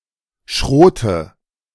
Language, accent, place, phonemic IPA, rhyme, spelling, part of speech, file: German, Germany, Berlin, /ʃʁoːt/, -oːt, Schrot, noun, De-Schrot.ogg
- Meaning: 1. crushed grain 2. shot